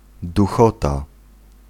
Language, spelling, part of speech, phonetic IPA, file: Polish, duchota, noun, [duˈxɔta], Pl-duchota.ogg